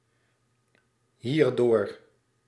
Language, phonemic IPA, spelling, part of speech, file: Dutch, /ˈhirdor/, hierdoor, adverb, Nl-hierdoor.ogg
- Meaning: pronominal adverb form of door + dit